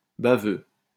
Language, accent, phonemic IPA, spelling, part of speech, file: French, France, /ba.vø/, baveux, adjective / noun, LL-Q150 (fra)-baveux.wav
- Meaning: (adjective) 1. wet; drooling; dripping 2. arrogant and cheeky against authority; cocky; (noun) lawyer